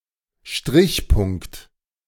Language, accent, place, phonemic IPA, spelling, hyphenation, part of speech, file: German, Germany, Berlin, /ˈʃtʁɪçˌpʊŋkt/, Strichpunkt, Strich‧punkt, noun, De-Strichpunkt.ogg
- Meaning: semicolon